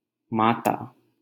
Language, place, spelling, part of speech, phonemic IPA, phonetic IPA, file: Hindi, Delhi, माता, noun / adjective, /mɑː.t̪ɑː/, [mäː.t̪äː], LL-Q1568 (hin)-माता.wav
- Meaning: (noun) 1. mother 2. ellipsis of शीतला माता (śītlā mātā, “(Mother) Shitala”) A goddess associated with smallpox, chickenpox, and more broadly the curing of poxes and diseases